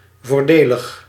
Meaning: 1. advantageous 2. cheap
- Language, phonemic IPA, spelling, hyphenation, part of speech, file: Dutch, /vorˈdeləx/, voordelig, voor‧de‧lig, adjective, Nl-voordelig.ogg